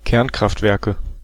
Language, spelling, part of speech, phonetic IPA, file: German, Kernkraftwerke, noun, [ˈkɛʁnkʁaftˌvɛʁkə], De-Kernkraftwerke.ogg
- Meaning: nominative/accusative/genitive plural of Kernkraftwerk